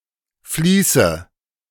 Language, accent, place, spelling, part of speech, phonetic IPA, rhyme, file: German, Germany, Berlin, Fließe, noun, [ˈfliːsə], -iːsə, De-Fließe.ogg
- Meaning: nominative/accusative/genitive plural of Fließ